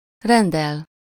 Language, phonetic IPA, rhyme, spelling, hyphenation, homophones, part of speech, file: Hungarian, [ˈrɛndɛl], -ɛl, rendel, ren‧del, renddel, verb, Hu-rendel.ogg
- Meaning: to order, to place an order, to book (to request some product or service)